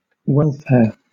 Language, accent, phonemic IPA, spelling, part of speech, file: English, Southern England, /ˈwɛlˌfɛə/, welfare, noun / verb, LL-Q1860 (eng)-welfare.wav
- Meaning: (noun) 1. Health, safety, happiness and prosperity; well-being in any respect 2. Shortened form of "welfare spending", "welfare payments", or "welfare assistance"